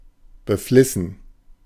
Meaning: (verb) past participle of befleißen; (adjective) 1. zealous, keen 2. studious 3. obsequious
- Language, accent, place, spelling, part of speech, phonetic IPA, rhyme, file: German, Germany, Berlin, beflissen, adjective / verb, [bəˈflɪsn̩], -ɪsn̩, De-beflissen.ogg